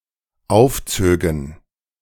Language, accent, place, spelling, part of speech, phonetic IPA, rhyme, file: German, Germany, Berlin, aufzögen, verb, [ˈaʊ̯fˌt͡søːɡn̩], -aʊ̯ft͡søːɡn̩, De-aufzögen.ogg
- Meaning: first/third-person plural dependent subjunctive II of aufziehen